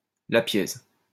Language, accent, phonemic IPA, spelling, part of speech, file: French, France, /la.pje/, lapiez, verb, LL-Q150 (fra)-lapiez.wav
- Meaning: inflection of laper: 1. second-person plural imperfect indicative 2. second-person plural present subjunctive